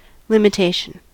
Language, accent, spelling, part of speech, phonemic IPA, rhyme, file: English, US, limitation, noun, /lɪmɪˈteɪʃən/, -eɪʃən, En-us-limitation.ogg
- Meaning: 1. The act of limiting or the state of being limited 2. A restriction; a boundary, real or metaphorical, caused by some thing or some circumstance